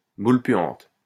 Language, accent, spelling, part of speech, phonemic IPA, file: French, France, boule puante, noun, /bul pɥɑ̃t/, LL-Q150 (fra)-boule puante.wav
- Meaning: stinkbomb